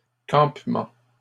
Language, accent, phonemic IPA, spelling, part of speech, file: French, Canada, /kɑ̃p.mɑ̃/, campements, noun, LL-Q150 (fra)-campements.wav
- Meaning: plural of campement